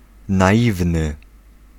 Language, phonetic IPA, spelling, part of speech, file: Polish, [naˈʲivnɨ], naiwny, adjective, Pl-naiwny.ogg